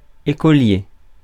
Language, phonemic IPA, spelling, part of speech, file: French, /e.kɔ.lje/, écolier, noun, Fr-écolier.ogg
- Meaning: 1. (university) student, scholar (especially in the Middle Ages) 2. schoolboy